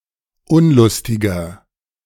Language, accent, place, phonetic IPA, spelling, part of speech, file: German, Germany, Berlin, [ˈʊnlʊstɪɡɐ], unlustiger, adjective, De-unlustiger.ogg
- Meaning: 1. comparative degree of unlustig 2. inflection of unlustig: strong/mixed nominative masculine singular 3. inflection of unlustig: strong genitive/dative feminine singular